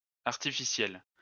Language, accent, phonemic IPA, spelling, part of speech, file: French, France, /aʁ.ti.fi.sjɛl/, artificielle, adjective, LL-Q150 (fra)-artificielle.wav
- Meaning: feminine singular of artificiel